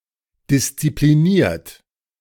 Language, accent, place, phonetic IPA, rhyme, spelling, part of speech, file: German, Germany, Berlin, [dɪst͡sipliˈniːɐ̯t], -iːɐ̯t, diszipliniert, adjective / verb, De-diszipliniert.ogg
- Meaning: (verb) past participle of disziplinieren; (adjective) disciplined